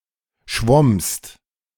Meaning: second-person singular preterite of schwimmen
- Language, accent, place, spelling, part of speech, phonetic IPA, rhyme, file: German, Germany, Berlin, schwommst, verb, [ʃvɔmst], -ɔmst, De-schwommst.ogg